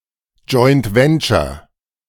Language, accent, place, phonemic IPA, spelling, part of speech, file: German, Germany, Berlin, /ˈdʒɔɪ̯nt ˈvɛntʃɐ/, Joint Venture, noun, De-Joint Venture.ogg
- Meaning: joint venture (a cooperative business partnership)